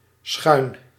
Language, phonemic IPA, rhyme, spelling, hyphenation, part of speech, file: Dutch, /sxœy̯n/, -œy̯n, schuin, schuin, adjective / adverb / verb, Nl-schuin.ogg
- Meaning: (adjective) 1. slanted, slanting 2. obscene; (adverb) diagonally; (verb) inflection of schuinen: 1. first-person singular present indicative 2. second-person singular present indicative 3. imperative